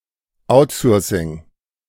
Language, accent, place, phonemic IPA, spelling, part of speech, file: German, Germany, Berlin, /ˈaʊ̯tsɔːsɪŋ/, Outsourcing, noun, De-Outsourcing.ogg
- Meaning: outsourcing (transfer business)